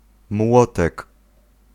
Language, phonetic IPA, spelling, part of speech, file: Polish, [ˈmwɔtɛk], młotek, noun, Pl-młotek.ogg